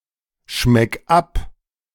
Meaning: 1. singular imperative of abschmecken 2. first-person singular present of abschmecken
- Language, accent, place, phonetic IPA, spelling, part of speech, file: German, Germany, Berlin, [ˌʃmɛk ˈap], schmeck ab, verb, De-schmeck ab.ogg